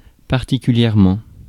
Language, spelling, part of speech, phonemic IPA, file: French, particulièrement, adverb, /paʁ.ti.ky.ljɛʁ.mɑ̃/, Fr-particulièrement.ogg
- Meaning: 1. particularly, specifically 2. especially 3. in particular